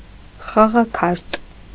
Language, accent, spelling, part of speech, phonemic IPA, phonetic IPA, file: Armenian, Eastern Armenian, խաղաքարտ, noun, /χɑʁɑˈkʰɑɾt/, [χɑʁɑkʰɑ́ɾt], Hy-խաղաքարտ.ogg
- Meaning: playing card